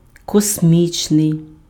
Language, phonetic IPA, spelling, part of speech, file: Ukrainian, [kosʲˈmʲit͡ʃnei̯], космічний, adjective, Uk-космічний.ogg
- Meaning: cosmic